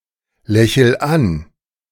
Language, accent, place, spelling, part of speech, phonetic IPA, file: German, Germany, Berlin, lächel an, verb, [ˌlɛçl̩ ˈan], De-lächel an.ogg
- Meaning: inflection of anlächeln: 1. first-person singular present 2. singular imperative